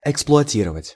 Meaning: to exploit
- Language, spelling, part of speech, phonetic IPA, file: Russian, эксплуатировать, verb, [ɪkspɫʊɐˈtʲirəvətʲ], Ru-эксплуатировать.ogg